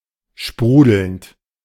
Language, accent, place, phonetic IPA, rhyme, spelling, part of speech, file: German, Germany, Berlin, [ˈʃpʁuːdl̩nt], -uːdl̩nt, sprudelnd, verb, De-sprudelnd.ogg
- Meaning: present participle of sprudeln